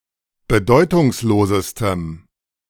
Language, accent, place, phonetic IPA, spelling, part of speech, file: German, Germany, Berlin, [bəˈdɔɪ̯tʊŋsˌloːzəstəm], bedeutungslosestem, adjective, De-bedeutungslosestem.ogg
- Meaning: strong dative masculine/neuter singular superlative degree of bedeutungslos